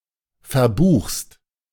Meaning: second-person singular present of verbuchen
- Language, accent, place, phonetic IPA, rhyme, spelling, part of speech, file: German, Germany, Berlin, [fɛɐ̯ˈbuːxst], -uːxst, verbuchst, verb, De-verbuchst.ogg